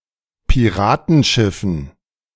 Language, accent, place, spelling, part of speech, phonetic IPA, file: German, Germany, Berlin, Piratenschiffen, noun, [piˈʁaːtn̩ˌʃɪfn̩], De-Piratenschiffen.ogg
- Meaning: dative plural of Piratenschiff